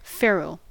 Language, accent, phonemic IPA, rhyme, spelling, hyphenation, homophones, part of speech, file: English, General American, /ˈfɛɹ.əl/, -ɛɹəl, ferrule, fer‧rule, feral / ferryl, noun / verb, En-us-ferrule.ogg
- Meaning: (noun) A band or cap (usually metal) placed around a shaft to reinforce it or to prevent splitting